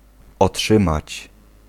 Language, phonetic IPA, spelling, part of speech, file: Polish, [ɔˈṭʃɨ̃mat͡ɕ], otrzymać, verb, Pl-otrzymać.ogg